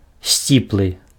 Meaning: humble
- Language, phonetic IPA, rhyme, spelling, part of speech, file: Belarusian, [ˈsʲt͡sʲipɫɨ], -ipɫɨ, сціплы, adjective, Be-сціплы.ogg